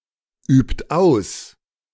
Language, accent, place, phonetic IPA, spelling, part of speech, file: German, Germany, Berlin, [ˌyːpt ˈaʊ̯s], übt aus, verb, De-übt aus.ogg
- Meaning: inflection of ausüben: 1. third-person singular present 2. second-person plural present 3. plural imperative